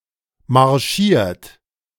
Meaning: 1. past participle of marschieren 2. inflection of marschieren: third-person singular present 3. inflection of marschieren: second-person plural present 4. inflection of marschieren: plural imperative
- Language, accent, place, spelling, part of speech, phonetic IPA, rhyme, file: German, Germany, Berlin, marschiert, verb, [maʁˈʃiːɐ̯t], -iːɐ̯t, De-marschiert.ogg